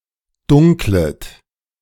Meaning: second-person plural subjunctive I of dunkeln
- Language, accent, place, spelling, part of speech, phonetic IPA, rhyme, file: German, Germany, Berlin, dunklet, verb, [ˈdʊŋklət], -ʊŋklət, De-dunklet.ogg